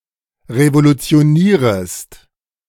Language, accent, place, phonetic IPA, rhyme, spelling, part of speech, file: German, Germany, Berlin, [ʁevolut͡si̯oˈniːʁəst], -iːʁəst, revolutionierest, verb, De-revolutionierest.ogg
- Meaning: second-person singular subjunctive I of revolutionieren